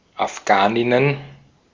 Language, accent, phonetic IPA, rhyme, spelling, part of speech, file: German, Austria, [afˈɡaːnɪnən], -aːnɪnən, Afghaninnen, noun, De-at-Afghaninnen.ogg
- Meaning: plural of Afghanin